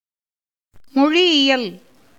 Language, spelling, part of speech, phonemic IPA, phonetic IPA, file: Tamil, மொழியியல், noun, /moɻɪjɪjɐl/, [mo̞ɻɪjɪjɐl], Ta-மொழியியல்.ogg
- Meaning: linguistics